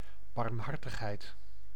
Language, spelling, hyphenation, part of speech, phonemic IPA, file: Dutch, barmhartigheid, barm‧har‧tig‧heid, noun, /ˌbɑrmˈɦɑr.təx.ɦɛi̯t/, Nl-barmhartigheid.ogg
- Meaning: 1. mercy 2. charity